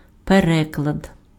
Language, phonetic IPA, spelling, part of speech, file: Ukrainian, [peˈrɛkɫɐd], переклад, noun, Uk-переклад.ogg
- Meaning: translation